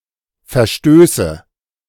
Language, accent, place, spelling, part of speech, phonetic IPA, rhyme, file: German, Germany, Berlin, Verstöße, noun, [fɛɐ̯ˈʃtøːsə], -øːsə, De-Verstöße.ogg
- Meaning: nominative/accusative/genitive plural of Verstoß